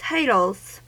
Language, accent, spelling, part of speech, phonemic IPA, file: English, US, titles, noun, /ˈtaɪtl̩z/, En-us-titles.ogg
- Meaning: plural of title